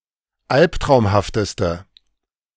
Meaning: inflection of albtraumhaft: 1. strong/mixed nominative/accusative feminine singular superlative degree 2. strong nominative/accusative plural superlative degree
- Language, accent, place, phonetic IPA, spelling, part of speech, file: German, Germany, Berlin, [ˈalptʁaʊ̯mhaftəstə], albtraumhafteste, adjective, De-albtraumhafteste.ogg